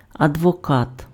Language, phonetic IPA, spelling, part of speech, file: Ukrainian, [ɐdwɔˈkat], адвокат, noun, Uk-адвокат.ogg
- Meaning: lawyer